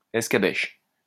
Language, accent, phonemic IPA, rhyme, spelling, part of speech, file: French, France, /ɛs.ka.bɛʃ/, -ɛʃ, escabèche, noun, LL-Q150 (fra)-escabèche.wav
- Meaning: escabeche (a dish of fried fish, or other food, marinated in vinegar)